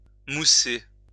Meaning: 1. to foam (produce foam) 2. to promote, highlight, increase the popularity of
- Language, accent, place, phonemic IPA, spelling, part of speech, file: French, France, Lyon, /mu.se/, mousser, verb, LL-Q150 (fra)-mousser.wav